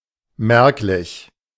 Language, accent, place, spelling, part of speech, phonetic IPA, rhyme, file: German, Germany, Berlin, merklich, adjective, [ˈmɛʁklɪç], -ɛʁklɪç, De-merklich.ogg
- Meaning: 1. appreciable, noticeable 2. distinct